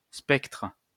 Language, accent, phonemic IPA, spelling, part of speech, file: French, France, /spɛktʁ/, spectre, noun, LL-Q150 (fra)-spectre.wav
- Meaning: 1. ghost, specter 2. spectrum